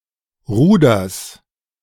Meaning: genitive singular of Ruder
- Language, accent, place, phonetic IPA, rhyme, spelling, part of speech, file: German, Germany, Berlin, [ˈʁuːdɐs], -uːdɐs, Ruders, noun, De-Ruders.ogg